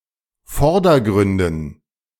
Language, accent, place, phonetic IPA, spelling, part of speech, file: German, Germany, Berlin, [ˈfɔʁdɐˌɡʁʏndn̩], Vordergründen, noun, De-Vordergründen.ogg
- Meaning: dative plural of Vordergrund